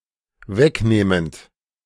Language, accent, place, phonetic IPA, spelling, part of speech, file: German, Germany, Berlin, [ˈvɛkˌneːmənt], wegnehmend, verb, De-wegnehmend.ogg
- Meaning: present participle of wegnehmen